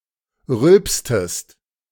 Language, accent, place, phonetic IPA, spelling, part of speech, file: German, Germany, Berlin, [ˈʁʏlpstəst], rülpstest, verb, De-rülpstest.ogg
- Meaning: inflection of rülpsen: 1. second-person singular preterite 2. second-person singular subjunctive II